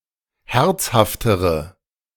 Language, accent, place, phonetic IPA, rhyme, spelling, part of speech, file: German, Germany, Berlin, [ˈhɛʁt͡shaftəʁə], -ɛʁt͡shaftəʁə, herzhaftere, adjective, De-herzhaftere.ogg
- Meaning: inflection of herzhaft: 1. strong/mixed nominative/accusative feminine singular comparative degree 2. strong nominative/accusative plural comparative degree